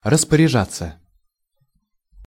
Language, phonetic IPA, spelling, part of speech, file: Russian, [rəspərʲɪˈʐat͡sːə], распоряжаться, verb, Ru-распоряжаться.ogg
- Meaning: 1. to order, to decree 2. to arrange for, to organize 3. to manage, to administer, to direct